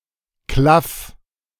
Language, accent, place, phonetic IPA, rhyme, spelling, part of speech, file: German, Germany, Berlin, [klaf], -af, klaff, verb, De-klaff.ogg
- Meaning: 1. singular imperative of klaffen 2. first-person singular present of klaffen